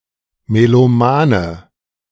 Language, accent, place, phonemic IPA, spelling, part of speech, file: German, Germany, Berlin, /meloˈmaːnə/, Melomane, noun, De-Melomane.ogg
- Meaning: melomaniac